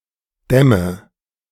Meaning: inflection of dämmen: 1. first-person singular present 2. first/third-person singular subjunctive I 3. singular imperative
- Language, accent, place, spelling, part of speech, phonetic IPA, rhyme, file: German, Germany, Berlin, dämme, verb, [ˈdɛmə], -ɛmə, De-dämme.ogg